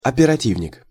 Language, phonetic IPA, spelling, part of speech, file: Russian, [ɐpʲɪrɐˈtʲivnʲɪk], оперативник, noun, Ru-оперативник.ogg
- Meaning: field investigator